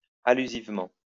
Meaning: allusively
- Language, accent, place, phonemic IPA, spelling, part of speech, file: French, France, Lyon, /a.ly.ziv.mɑ̃/, allusivement, adverb, LL-Q150 (fra)-allusivement.wav